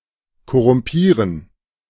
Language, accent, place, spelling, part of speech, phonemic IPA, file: German, Germany, Berlin, korrumpieren, verb, /kɔʁʊmˈpiːʁən/, De-korrumpieren.ogg
- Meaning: to corrupt